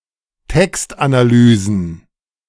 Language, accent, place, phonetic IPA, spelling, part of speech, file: German, Germany, Berlin, [ˈtɛkstʔanaˌlyːzn̩], Textanalysen, noun, De-Textanalysen.ogg
- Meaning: plural of Textanalyse